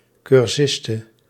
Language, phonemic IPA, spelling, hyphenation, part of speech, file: Dutch, /kʏrˈsɪstə/, cursiste, cur‧sis‧te, noun, Nl-cursiste.ogg
- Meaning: a (female) learner, student (a woman who follows a study course)